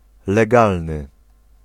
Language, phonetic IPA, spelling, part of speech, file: Polish, [lɛˈɡalnɨ], legalny, adjective, Pl-legalny.ogg